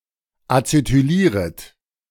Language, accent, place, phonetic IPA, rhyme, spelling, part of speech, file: German, Germany, Berlin, [at͡setyˈliːʁət], -iːʁət, acetylieret, verb, De-acetylieret.ogg
- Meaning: second-person plural subjunctive I of acetylieren